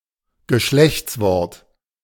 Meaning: article
- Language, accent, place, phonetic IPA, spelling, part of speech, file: German, Germany, Berlin, [ɡəˈʃlɛçt͡sˌvɔʁt], Geschlechtswort, noun, De-Geschlechtswort.ogg